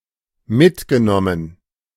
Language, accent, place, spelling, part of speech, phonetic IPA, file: German, Germany, Berlin, mitgenommen, adjective / verb, [ˈmɪtɡəˌnɔmən], De-mitgenommen.ogg
- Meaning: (verb) past participle of mitnehmen; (adjective) 1. beleaguered, battered, weary 2. upsetting, taking a toll